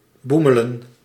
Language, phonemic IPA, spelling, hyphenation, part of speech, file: Dutch, /ˈbumələ(n)/, boemelen, boe‧me‧len, verb, Nl-boemelen.ogg
- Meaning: 1. to go out at bars and cafés 2. to get drunk, typically in a boisterous or lavish fashion 3. to scrounge, to leech 4. to commute by train, especially when drunk